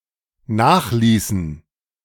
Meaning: inflection of nachlassen: 1. first/third-person plural dependent preterite 2. first/third-person plural dependent subjunctive II
- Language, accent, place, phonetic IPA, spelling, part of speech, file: German, Germany, Berlin, [ˈnaːxˌliːsn̩], nachließen, verb, De-nachließen.ogg